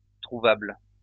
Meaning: findable; encountered (which can be found; which can occur)
- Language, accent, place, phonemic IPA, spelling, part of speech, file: French, France, Lyon, /tʁu.vabl/, trouvable, adjective, LL-Q150 (fra)-trouvable.wav